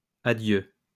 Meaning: plural of adieu
- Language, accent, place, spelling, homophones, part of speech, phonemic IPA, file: French, France, Lyon, adieux, adieu, noun, /a.djø/, LL-Q150 (fra)-adieux.wav